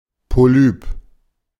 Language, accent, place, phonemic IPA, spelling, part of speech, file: German, Germany, Berlin, /poˈlyːp/, Polyp, noun, De-Polyp.ogg
- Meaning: 1. polyp 2. adenoids (abnormally enlarged mass of lymphatic tissue at the back of the pharynx) 3. pig, policeman